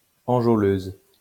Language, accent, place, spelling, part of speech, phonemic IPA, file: French, France, Lyon, enjôleuse, adjective, /ɑ̃.ʒo.løz/, LL-Q150 (fra)-enjôleuse.wav
- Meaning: feminine singular of enjôleur